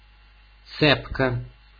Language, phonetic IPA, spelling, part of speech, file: Russian, [ˈt͡sɛpkə], цепко, adverb, Ru-цепко.ogg
- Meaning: tenaciously, firmly